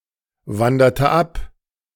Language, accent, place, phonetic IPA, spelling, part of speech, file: German, Germany, Berlin, [ˌvandɐtə ˈap], wanderte ab, verb, De-wanderte ab.ogg
- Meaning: inflection of abwandern: 1. first/third-person singular preterite 2. first/third-person singular subjunctive II